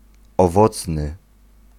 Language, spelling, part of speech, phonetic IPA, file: Polish, owocny, adjective, [ɔˈvɔt͡snɨ], Pl-owocny.ogg